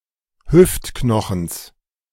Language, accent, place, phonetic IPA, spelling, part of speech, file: German, Germany, Berlin, [ˈhʏftˌknɔxn̩s], Hüftknochens, noun, De-Hüftknochens.ogg
- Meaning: genitive singular of Hüftknochen